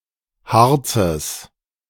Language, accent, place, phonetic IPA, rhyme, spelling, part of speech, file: German, Germany, Berlin, [ˈhaʁt͡səs], -aʁt͡səs, Harzes, noun, De-Harzes.ogg
- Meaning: genitive singular of Harz